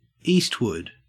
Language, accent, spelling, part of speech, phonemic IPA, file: English, Australia, Eastwood, proper noun / noun / verb, /ˈiːstwʊd/, En-au-Eastwood.ogg
- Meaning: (proper noun) 1. A surname 2. A placename.: A place in the United Kingdom: A suburban area of Southend-on-Sea, Essex, England (OS grid ref TQ8389)